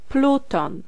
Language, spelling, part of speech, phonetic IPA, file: Polish, pluton, noun, [ˈplutɔ̃n], Pl-pluton.ogg